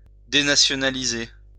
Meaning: to denationalize
- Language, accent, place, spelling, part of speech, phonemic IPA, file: French, France, Lyon, dénationaliser, verb, /de.na.sjɔ.na.li.ze/, LL-Q150 (fra)-dénationaliser.wav